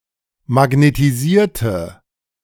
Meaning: inflection of magnetisieren: 1. first/third-person singular preterite 2. first/third-person singular subjunctive II
- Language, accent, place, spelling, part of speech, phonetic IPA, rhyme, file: German, Germany, Berlin, magnetisierte, adjective / verb, [maɡnetiˈziːɐ̯tə], -iːɐ̯tə, De-magnetisierte.ogg